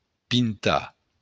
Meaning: 1. to paint (apply paint to) 2. to get drunk
- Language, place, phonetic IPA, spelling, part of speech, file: Occitan, Béarn, [pinˈta], pintar, verb, LL-Q14185 (oci)-pintar.wav